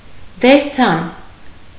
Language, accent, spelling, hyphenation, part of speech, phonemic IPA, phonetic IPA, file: Armenian, Eastern Armenian, դերձան, դեր‧ձան, noun, /deɾˈt͡sʰɑn/, [deɾt͡sʰɑ́n], Hy-դերձան.ogg
- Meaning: thread